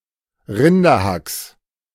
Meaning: genitive singular of Rinderhack
- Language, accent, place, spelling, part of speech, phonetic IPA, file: German, Germany, Berlin, Rinderhacks, noun, [ˈʁɪndɐˌhaks], De-Rinderhacks.ogg